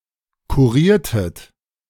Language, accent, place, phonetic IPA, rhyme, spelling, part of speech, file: German, Germany, Berlin, [kuˈʁiːɐ̯tət], -iːɐ̯tət, kuriertet, verb, De-kuriertet.ogg
- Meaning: inflection of kurieren: 1. second-person plural preterite 2. second-person plural subjunctive II